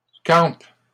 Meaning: inflection of camper: 1. first/third-person singular present indicative/subjunctive 2. second-person singular imperative
- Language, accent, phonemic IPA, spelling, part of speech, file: French, Canada, /kɑ̃p/, campe, verb, LL-Q150 (fra)-campe.wav